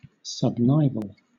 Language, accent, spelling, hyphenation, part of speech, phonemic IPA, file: English, Southern England, subnival, sub‧niv‧al, adjective, /sʌbˈnaɪvl̩/, LL-Q1860 (eng)-subnival.wav
- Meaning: 1. Of a habitat: of an altitude, latitude, or type just below that which would be permanently covered by snow (the snow line) 2. Growing or capable of growing, or occurring, underneath snow; subnivean